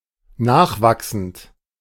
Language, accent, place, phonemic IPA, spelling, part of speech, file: German, Germany, Berlin, /ˈnaːχˌvaksn̩t/, nachwachsend, verb, De-nachwachsend.ogg
- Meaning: present participle of nachwachsen